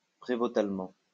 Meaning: provostally, provostorially
- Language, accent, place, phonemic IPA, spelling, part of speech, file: French, France, Lyon, /pʁe.vo.tal.mɑ̃/, prévôtalement, adverb, LL-Q150 (fra)-prévôtalement.wav